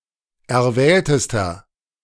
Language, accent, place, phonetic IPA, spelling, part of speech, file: German, Germany, Berlin, [ɛɐ̯ˈvɛːltəstɐ], erwähltester, adjective, De-erwähltester.ogg
- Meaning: inflection of erwählt: 1. strong/mixed nominative masculine singular superlative degree 2. strong genitive/dative feminine singular superlative degree 3. strong genitive plural superlative degree